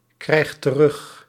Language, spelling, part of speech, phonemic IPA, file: Dutch, krijgt terug, verb, /ˈkrɛixt t(ə)ˈrʏx/, Nl-krijgt terug.ogg
- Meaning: inflection of terugkrijgen: 1. second/third-person singular present indicative 2. plural imperative